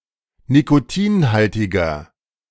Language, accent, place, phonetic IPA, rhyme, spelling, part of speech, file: German, Germany, Berlin, [nikoˈtiːnˌhaltɪɡɐ], -iːnhaltɪɡɐ, nikotinhaltiger, adjective, De-nikotinhaltiger.ogg
- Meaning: 1. comparative degree of nikotinhaltig 2. inflection of nikotinhaltig: strong/mixed nominative masculine singular 3. inflection of nikotinhaltig: strong genitive/dative feminine singular